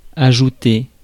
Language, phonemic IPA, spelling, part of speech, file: French, /a.ʒu.te/, ajouter, verb, Fr-ajouter.ogg
- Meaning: to add, append